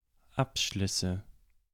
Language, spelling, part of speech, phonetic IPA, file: German, Abschlüsse, noun, [ˈapˌʃlʏsə], De-Abschlüsse.ogg
- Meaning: nominative/accusative/genitive plural of Abschluss